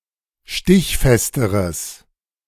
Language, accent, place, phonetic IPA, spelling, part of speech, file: German, Germany, Berlin, [ˈʃtɪçˌfɛstəʁəs], stichfesteres, adjective, De-stichfesteres.ogg
- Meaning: strong/mixed nominative/accusative neuter singular comparative degree of stichfest